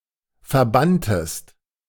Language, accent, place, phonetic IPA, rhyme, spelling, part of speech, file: German, Germany, Berlin, [fɛɐ̯ˈbantəst], -antəst, verbanntest, verb, De-verbanntest.ogg
- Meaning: inflection of verbannen: 1. second-person singular preterite 2. second-person singular subjunctive II